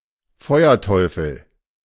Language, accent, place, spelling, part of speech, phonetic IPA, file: German, Germany, Berlin, Feuerteufel, noun, [ˈfɔʏ̯ɐˌtʰɔʏ̯fl̩], De-Feuerteufel.ogg
- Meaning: firebug (pyromaniac) (male or of unspecified gender)